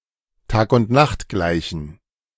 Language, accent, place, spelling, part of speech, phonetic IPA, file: German, Germany, Berlin, Tagundnachtgleichen, noun, [ˌtaːkʊntˈnaxtˌɡlaɪ̯çn̩], De-Tagundnachtgleichen.ogg
- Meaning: plural of Tagundnachtgleiche